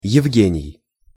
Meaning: a male given name, Yevgeny, equivalent to English Eugene
- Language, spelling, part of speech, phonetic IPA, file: Russian, Евгений, proper noun, [(j)ɪvˈɡʲenʲɪj], Ru-Евгений.ogg